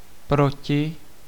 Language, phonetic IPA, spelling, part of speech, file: Czech, [ˈprocɪ], proti, noun / preposition, Cs-proti.ogg
- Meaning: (noun) con (disadvantage); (preposition) 1. against (in a contrary direction) 2. opposite (facing, or across from)